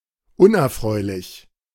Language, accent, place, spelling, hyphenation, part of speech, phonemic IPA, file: German, Germany, Berlin, unerfreulich, un‧er‧freu‧lich, adjective, /ˈʊnʔɛɐ̯ˌfʁɔɪ̯lɪç/, De-unerfreulich.ogg
- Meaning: unpleasant, unpleasing